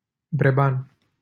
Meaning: a surname
- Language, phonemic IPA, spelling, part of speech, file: Romanian, /breˈban/, Breban, proper noun, LL-Q7913 (ron)-Breban.wav